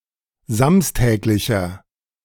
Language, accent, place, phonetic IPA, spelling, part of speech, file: German, Germany, Berlin, [ˈzamstɛːklɪçɐ], samstäglicher, adjective, De-samstäglicher.ogg
- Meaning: inflection of samstäglich: 1. strong/mixed nominative masculine singular 2. strong genitive/dative feminine singular 3. strong genitive plural